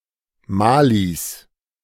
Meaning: genitive of Mali
- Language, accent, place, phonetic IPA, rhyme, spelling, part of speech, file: German, Germany, Berlin, [ˈmaːlis], -aːlis, Malis, noun, De-Malis.ogg